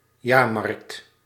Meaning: fair, annually returning public event
- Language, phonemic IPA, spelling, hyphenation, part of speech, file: Dutch, /ˈjaːr.mɑrkt/, jaarmarkt, jaar‧markt, noun, Nl-jaarmarkt.ogg